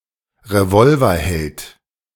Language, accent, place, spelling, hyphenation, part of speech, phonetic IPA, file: German, Germany, Berlin, Revolverheld, Re‧vol‧ver‧held, noun, [ʁeˈvɔlvɐˌhɛlt], De-Revolverheld.ogg
- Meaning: gunslinger (male or unspecified sex)